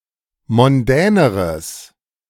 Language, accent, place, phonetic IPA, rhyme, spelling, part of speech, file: German, Germany, Berlin, [mɔnˈdɛːnəʁəs], -ɛːnəʁəs, mondäneres, adjective, De-mondäneres.ogg
- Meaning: strong/mixed nominative/accusative neuter singular comparative degree of mondän